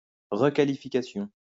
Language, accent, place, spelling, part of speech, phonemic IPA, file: French, France, Lyon, requalification, noun, /ʁə.ka.li.fi.ka.sjɔ̃/, LL-Q150 (fra)-requalification.wav
- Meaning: requalification